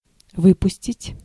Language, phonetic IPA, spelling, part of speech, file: Russian, [ˈvɨpʊsʲtʲɪtʲ], выпустить, verb, Ru-выпустить.ogg
- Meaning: 1. to let out, to let go, to release, to set free 2. to launch, to shoot (a missile, a rocket) 3. to deliver, to release (a film) 4. to produce, to manufacture, to output, to turn out